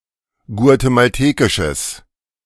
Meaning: strong/mixed nominative/accusative neuter singular of guatemaltekisch
- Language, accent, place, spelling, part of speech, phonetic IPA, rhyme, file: German, Germany, Berlin, guatemaltekisches, adjective, [ɡu̯atemalˈteːkɪʃəs], -eːkɪʃəs, De-guatemaltekisches.ogg